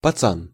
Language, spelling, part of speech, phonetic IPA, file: Russian, пацан, noun, [pɐˈt͡san], Ru-пацан.ogg
- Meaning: 1. boy, kid, lad, fella (referring to a boy or a young man; can be used as a term of address) 2. gang member